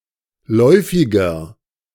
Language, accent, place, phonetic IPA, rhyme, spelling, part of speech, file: German, Germany, Berlin, [ˈlɔɪ̯fɪɡɐ], -ɔɪ̯fɪɡɐ, läufiger, adjective, De-läufiger.ogg
- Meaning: 1. comparative degree of läufig 2. inflection of läufig: strong/mixed nominative masculine singular 3. inflection of läufig: strong genitive/dative feminine singular